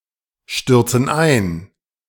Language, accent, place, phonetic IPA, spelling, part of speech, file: German, Germany, Berlin, [ˌʃtʏʁt͡sn̩ ˈaɪ̯n], stürzen ein, verb, De-stürzen ein.ogg
- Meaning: inflection of einstürzen: 1. first/third-person plural present 2. first/third-person plural subjunctive I